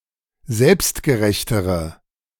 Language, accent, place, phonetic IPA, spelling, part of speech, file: German, Germany, Berlin, [ˈzɛlpstɡəˌʁɛçtəʁə], selbstgerechtere, adjective, De-selbstgerechtere.ogg
- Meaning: inflection of selbstgerecht: 1. strong/mixed nominative/accusative feminine singular comparative degree 2. strong nominative/accusative plural comparative degree